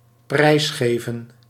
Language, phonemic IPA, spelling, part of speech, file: Dutch, /ˈprɛi̯sɣeːvə(n)/, prijsgeven, verb, Nl-prijsgeven.ogg
- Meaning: 1. to surrender, to give up 2. to disclose, to reveal